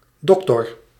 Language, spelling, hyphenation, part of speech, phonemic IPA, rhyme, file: Dutch, doctor, doc‧tor, noun, /ˈdɔk.tɔr/, -ɔktɔr, Nl-doctor.ogg
- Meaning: doctor (person who has attained a doctorate)